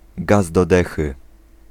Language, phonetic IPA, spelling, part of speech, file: Polish, [ˈɡaz dɔ‿ˈdɛxɨ], gaz do dechy, noun / interjection, Pl-gaz do dechy.ogg